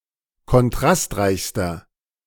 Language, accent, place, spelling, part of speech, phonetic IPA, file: German, Germany, Berlin, kontrastreichster, adjective, [kɔnˈtʁastˌʁaɪ̯çstɐ], De-kontrastreichster.ogg
- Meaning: inflection of kontrastreich: 1. strong/mixed nominative masculine singular superlative degree 2. strong genitive/dative feminine singular superlative degree